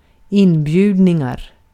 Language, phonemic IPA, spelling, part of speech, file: Swedish, /²ɪnˌbjʉ̟ːdan/, inbjudan, noun, Sv-inbjudan.ogg
- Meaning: an invitation